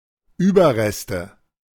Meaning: plural of Überrest
- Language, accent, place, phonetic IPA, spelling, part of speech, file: German, Germany, Berlin, [ˈyːbɐˌʁɛstə], Überreste, noun, De-Überreste.ogg